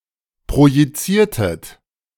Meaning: inflection of projizieren: 1. second-person plural preterite 2. second-person plural subjunctive II
- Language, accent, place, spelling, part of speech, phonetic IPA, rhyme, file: German, Germany, Berlin, projiziertet, verb, [pʁojiˈt͡siːɐ̯tət], -iːɐ̯tət, De-projiziertet.ogg